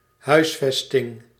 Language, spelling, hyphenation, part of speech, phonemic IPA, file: Dutch, huisvesting, huis‧ves‧ting, noun, /ˈɦœy̯sˌfɛs.tɪŋ/, Nl-huisvesting.ogg
- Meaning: housing, accommodation